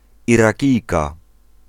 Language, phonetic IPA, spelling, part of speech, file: Polish, [ˌiraˈcijka], Irakijka, noun, Pl-Irakijka.ogg